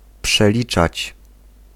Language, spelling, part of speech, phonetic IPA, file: Polish, przeliczać, verb, [pʃɛˈlʲit͡ʃat͡ɕ], Pl-przeliczać.ogg